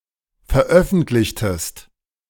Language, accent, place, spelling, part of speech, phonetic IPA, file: German, Germany, Berlin, veröffentlichtest, verb, [fɛɐ̯ˈʔœfn̩tlɪçtəst], De-veröffentlichtest.ogg
- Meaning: inflection of veröffentlichen: 1. second-person singular preterite 2. second-person singular subjunctive II